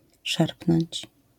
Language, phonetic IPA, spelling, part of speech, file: Polish, [ˈʃarpnɔ̃ɲt͡ɕ], szarpnąć, verb, LL-Q809 (pol)-szarpnąć.wav